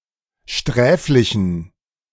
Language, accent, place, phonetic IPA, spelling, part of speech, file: German, Germany, Berlin, [ˈʃtʁɛːflɪçn̩], sträflichen, adjective, De-sträflichen.ogg
- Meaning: inflection of sträflich: 1. strong genitive masculine/neuter singular 2. weak/mixed genitive/dative all-gender singular 3. strong/weak/mixed accusative masculine singular 4. strong dative plural